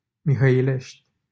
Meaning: 1. a commune of Buzău County, Romania 2. a village in Mihăilești, Buzău County, Romania 3. a town in Giurgiu County, Romania
- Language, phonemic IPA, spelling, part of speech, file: Romanian, /mihəjl̪eʃt̪ʲ/, Mihăilești, proper noun, LL-Q7913 (ron)-Mihăilești.wav